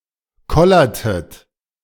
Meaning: inflection of kollern: 1. second-person plural preterite 2. second-person plural subjunctive II
- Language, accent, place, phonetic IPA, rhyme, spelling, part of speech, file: German, Germany, Berlin, [ˈkɔlɐtət], -ɔlɐtət, kollertet, verb, De-kollertet.ogg